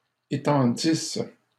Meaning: second-person singular imperfect subjunctive of étendre
- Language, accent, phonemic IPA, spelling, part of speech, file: French, Canada, /e.tɑ̃.dis/, étendisses, verb, LL-Q150 (fra)-étendisses.wav